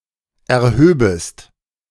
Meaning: second-person singular subjunctive II of erheben
- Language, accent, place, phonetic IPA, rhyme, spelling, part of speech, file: German, Germany, Berlin, [ɛɐ̯ˈhøːbəst], -øːbəst, erhöbest, verb, De-erhöbest.ogg